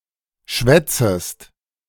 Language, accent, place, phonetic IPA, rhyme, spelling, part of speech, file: German, Germany, Berlin, [ˈʃvɛt͡səst], -ɛt͡səst, schwätzest, verb, De-schwätzest.ogg
- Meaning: second-person singular subjunctive I of schwätzen